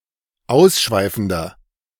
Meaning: 1. comparative degree of ausschweifend 2. inflection of ausschweifend: strong/mixed nominative masculine singular 3. inflection of ausschweifend: strong genitive/dative feminine singular
- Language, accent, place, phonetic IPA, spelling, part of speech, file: German, Germany, Berlin, [ˈaʊ̯sˌʃvaɪ̯fn̩dɐ], ausschweifender, adjective, De-ausschweifender.ogg